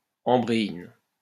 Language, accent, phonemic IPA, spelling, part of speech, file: French, France, /ɑ̃.bʁe.in/, ambréine, noun, LL-Q150 (fra)-ambréine.wav
- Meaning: ambrein